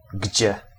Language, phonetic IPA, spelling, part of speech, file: Polish, [ɟd͡ʑɛ], gdzie, pronoun / particle / interjection, Pl-gdzie.ogg